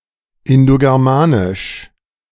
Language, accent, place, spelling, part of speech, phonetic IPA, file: German, Germany, Berlin, Indogermanisch, proper noun, [ɪndoɡɛʁˈmaːnɪʃ], De-Indogermanisch.ogg
- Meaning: 1. the Indo-European language family 2. the Indo-European proto-language